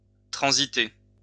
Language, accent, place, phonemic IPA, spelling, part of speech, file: French, France, Lyon, /tʁɑ̃.zi.te/, transiter, verb, LL-Q150 (fra)-transiter.wav
- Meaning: to transit